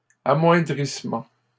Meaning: weakening
- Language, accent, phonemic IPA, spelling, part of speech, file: French, Canada, /a.mwɛ̃.dʁis.mɑ̃/, amoindrissement, noun, LL-Q150 (fra)-amoindrissement.wav